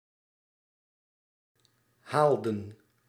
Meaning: inflection of halen: 1. plural past indicative 2. plural past subjunctive
- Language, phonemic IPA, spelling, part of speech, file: Dutch, /ˈhaɫdə(n)/, haalden, verb, Nl-haalden.ogg